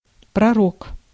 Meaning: prophet
- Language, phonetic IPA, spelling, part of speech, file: Russian, [prɐˈrok], пророк, noun, Ru-пророк.ogg